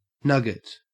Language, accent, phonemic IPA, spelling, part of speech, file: English, Australia, /ˈnʌɡət/, nugget, noun / verb, En-au-nugget.ogg
- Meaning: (noun) 1. A small, compact chunk or clump 2. A chicken nugget 3. A tidbit of something valuable 4. A small piece of tasty food, a tidbit 5. A type of boot polish